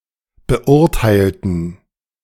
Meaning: inflection of beurteilen: 1. first/third-person plural preterite 2. first/third-person plural subjunctive II
- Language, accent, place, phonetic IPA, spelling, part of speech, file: German, Germany, Berlin, [bəˈʔʊʁtaɪ̯ltn̩], beurteilten, adjective / verb, De-beurteilten.ogg